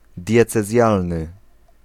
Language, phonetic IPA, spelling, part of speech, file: Polish, [ˌdʲjɛt͡sɛˈzʲjalnɨ], diecezjalny, adjective, Pl-diecezjalny.ogg